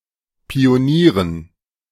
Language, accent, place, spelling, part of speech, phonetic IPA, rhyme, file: German, Germany, Berlin, Pionieren, noun, [pioˈniːʁən], -iːʁən, De-Pionieren.ogg
- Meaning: dative plural of Pionier